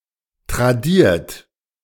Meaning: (verb) past participle of tradieren; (adjective) handed down; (verb) inflection of tradieren: 1. third-person singular present 2. second-person plural present 3. plural imperative
- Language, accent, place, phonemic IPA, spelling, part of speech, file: German, Germany, Berlin, /tʁaˈdiːɐ̯t/, tradiert, verb / adjective, De-tradiert.ogg